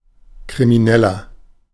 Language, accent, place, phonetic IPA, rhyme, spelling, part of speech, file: German, Germany, Berlin, [kʁimiˈnɛlɐ], -ɛlɐ, Krimineller, noun, De-Krimineller.ogg
- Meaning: criminal (male person)